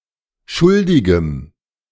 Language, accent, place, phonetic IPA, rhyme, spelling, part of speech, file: German, Germany, Berlin, [ˈʃʊldɪɡəm], -ʊldɪɡəm, schuldigem, adjective, De-schuldigem.ogg
- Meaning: strong dative masculine/neuter singular of schuldig